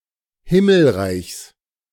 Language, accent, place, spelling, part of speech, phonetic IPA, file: German, Germany, Berlin, Himmelreichs, noun, [ˈhɪml̩ˌʁaɪ̯çs], De-Himmelreichs.ogg
- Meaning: genitive singular of Himmelreich